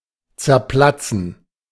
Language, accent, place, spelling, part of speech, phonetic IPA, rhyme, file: German, Germany, Berlin, zerplatzen, verb, [t͡sɛɐ̯ˈplat͡sn̩], -at͡sn̩, De-zerplatzen.ogg
- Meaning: to burst